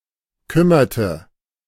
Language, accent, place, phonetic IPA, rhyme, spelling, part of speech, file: German, Germany, Berlin, [ˈkʏmɐtə], -ʏmɐtə, kümmerte, verb, De-kümmerte.ogg
- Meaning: inflection of kümmern: 1. first/third-person singular preterite 2. first/third-person singular subjunctive II